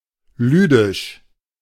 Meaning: Ludian, Ludic (of the Ludic language, spoken in northwest Russia)
- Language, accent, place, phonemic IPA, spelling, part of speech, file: German, Germany, Berlin, /ˈlyːdɪʃ/, lüdisch, adjective, De-lüdisch.ogg